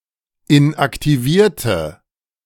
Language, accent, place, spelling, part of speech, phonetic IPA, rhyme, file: German, Germany, Berlin, inaktivierte, adjective / verb, [ɪnʔaktiˈviːɐ̯tə], -iːɐ̯tə, De-inaktivierte.ogg
- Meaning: inflection of inaktivieren: 1. first/third-person singular preterite 2. first/third-person singular subjunctive II